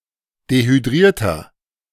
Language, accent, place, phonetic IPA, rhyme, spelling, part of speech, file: German, Germany, Berlin, [dehyˈdʁiːɐ̯tɐ], -iːɐ̯tɐ, dehydrierter, adjective, De-dehydrierter.ogg
- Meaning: 1. comparative degree of dehydriert 2. inflection of dehydriert: strong/mixed nominative masculine singular 3. inflection of dehydriert: strong genitive/dative feminine singular